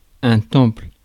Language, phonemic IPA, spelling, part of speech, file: French, /tɑ̃pl/, temple, noun, Fr-temple.ogg
- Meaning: 1. temple (for worship) 2. Protestant church 3. hall